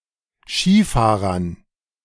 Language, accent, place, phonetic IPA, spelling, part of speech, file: German, Germany, Berlin, [ˈʃiːˌfaːʁɐn], Skifahrern, noun, De-Skifahrern.ogg
- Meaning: dative plural of Skifahrer